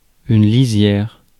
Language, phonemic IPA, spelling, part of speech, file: French, /li.zjɛʁ/, lisière, noun, Fr-lisière.ogg
- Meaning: 1. border, selvage 2. edge